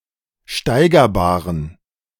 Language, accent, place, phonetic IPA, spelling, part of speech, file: German, Germany, Berlin, [ˈʃtaɪ̯ɡɐˌbaːʁən], steigerbaren, adjective, De-steigerbaren.ogg
- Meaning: inflection of steigerbar: 1. strong genitive masculine/neuter singular 2. weak/mixed genitive/dative all-gender singular 3. strong/weak/mixed accusative masculine singular 4. strong dative plural